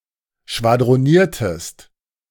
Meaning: inflection of schwadronieren: 1. second-person singular preterite 2. second-person singular subjunctive II
- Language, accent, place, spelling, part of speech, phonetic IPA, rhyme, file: German, Germany, Berlin, schwadroniertest, verb, [ʃvadʁoˈniːɐ̯təst], -iːɐ̯təst, De-schwadroniertest.ogg